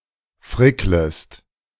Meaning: second-person singular subjunctive I of frickeln
- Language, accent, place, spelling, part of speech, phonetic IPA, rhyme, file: German, Germany, Berlin, fricklest, verb, [ˈfʁɪkləst], -ɪkləst, De-fricklest.ogg